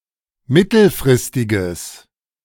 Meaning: strong/mixed nominative/accusative neuter singular of mittelfristig
- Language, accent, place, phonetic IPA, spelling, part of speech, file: German, Germany, Berlin, [ˈmɪtl̩fʁɪstɪɡəs], mittelfristiges, adjective, De-mittelfristiges.ogg